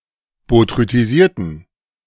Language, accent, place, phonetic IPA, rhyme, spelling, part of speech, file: German, Germany, Berlin, [botʁytiˈziːɐ̯tn̩], -iːɐ̯tn̩, botrytisierten, adjective, De-botrytisierten.ogg
- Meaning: inflection of botrytisiert: 1. strong genitive masculine/neuter singular 2. weak/mixed genitive/dative all-gender singular 3. strong/weak/mixed accusative masculine singular 4. strong dative plural